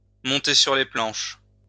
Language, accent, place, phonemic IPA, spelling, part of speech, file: French, France, Lyon, /mɔ̃.te syʁ le plɑ̃ʃ/, monter sur les planches, verb, LL-Q150 (fra)-monter sur les planches.wav
- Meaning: to perform in a theatrical play, to tread the boards